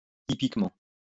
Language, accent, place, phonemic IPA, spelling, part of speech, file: French, France, Lyon, /i.pik.mɑ̃/, hippiquement, adverb, LL-Q150 (fra)-hippiquement.wav
- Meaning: equestrianly